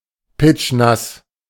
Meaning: soaking wet
- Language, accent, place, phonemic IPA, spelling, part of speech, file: German, Germany, Berlin, /ˈpɪt͡ʃˈnas/, pitschnass, adjective, De-pitschnass.ogg